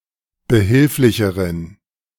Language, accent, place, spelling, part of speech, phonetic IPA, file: German, Germany, Berlin, behilflicheren, adjective, [bəˈhɪlflɪçəʁən], De-behilflicheren.ogg
- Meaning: inflection of behilflich: 1. strong genitive masculine/neuter singular comparative degree 2. weak/mixed genitive/dative all-gender singular comparative degree